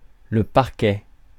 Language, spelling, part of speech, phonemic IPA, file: French, parquet, noun, /paʁ.kɛ/, Fr-parquet.ogg
- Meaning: 1. parquet (floor) 2. the prosecution